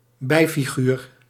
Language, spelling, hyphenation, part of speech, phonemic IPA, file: Dutch, bijfiguur, bij‧fi‧guur, noun, /ˈbɛi̯.fiˌɣyːr/, Nl-bijfiguur.ogg
- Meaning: minor or secondary character in a story